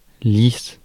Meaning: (adjective) smooth; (noun) stringer (horizontal timber that supports upright posts or the hull of a vessel); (verb) inflection of lisser: first/third-person singular present indicative/subjunctive
- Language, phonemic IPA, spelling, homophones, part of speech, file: French, /lis/, lisse, lice / lices / lis/lys / lissent / lisses, adjective / noun / verb, Fr-lisse.ogg